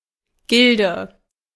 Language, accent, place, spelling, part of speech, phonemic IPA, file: German, Germany, Berlin, Gilde, noun, /ˈɡɪldə/, De-Gilde.ogg
- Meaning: 1. guild, especially of merchants 2. Used in the names of certain clubs, e.g. marksmen clubs or carnival clubs 3. any group of, usually prestigious, people